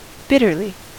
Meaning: 1. In a bitter manner 2. Extremely
- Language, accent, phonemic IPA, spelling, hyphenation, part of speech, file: English, US, /ˈbɪtəɹli/, bitterly, bit‧ter‧ly, adverb, En-us-bitterly.ogg